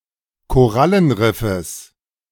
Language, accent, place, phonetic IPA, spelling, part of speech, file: German, Germany, Berlin, [koˈʁalənˌʁɪfəs], Korallenriffes, noun, De-Korallenriffes.ogg
- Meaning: genitive singular of Korallenriff